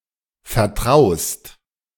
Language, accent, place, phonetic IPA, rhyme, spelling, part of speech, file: German, Germany, Berlin, [fɛɐ̯ˈtʁaʊ̯st], -aʊ̯st, vertraust, verb, De-vertraust.ogg
- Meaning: second-person singular present of vertrauen